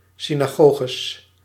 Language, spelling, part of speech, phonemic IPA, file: Dutch, synagoges, noun, /sinaˈɣoɣəs/, Nl-synagoges.ogg
- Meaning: plural of synagoge